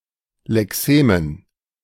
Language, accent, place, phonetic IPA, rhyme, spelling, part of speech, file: German, Germany, Berlin, [lɛˈkseːmən], -eːmən, Lexemen, noun, De-Lexemen.ogg
- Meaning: dative plural of Lexem